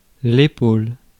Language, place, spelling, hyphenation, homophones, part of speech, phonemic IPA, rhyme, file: French, Paris, épaule, é‧paule, épaulent / épaules, noun / verb, /e.pol/, -ol, Fr-épaule.ogg
- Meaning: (noun) shoulder; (verb) inflection of épauler: 1. first/third-person singular present indicative/subjunctive 2. second-person singular imperative